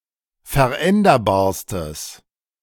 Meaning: strong/mixed nominative/accusative neuter singular superlative degree of veränderbar
- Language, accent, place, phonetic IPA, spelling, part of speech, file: German, Germany, Berlin, [fɛɐ̯ˈʔɛndɐbaːɐ̯stəs], veränderbarstes, adjective, De-veränderbarstes.ogg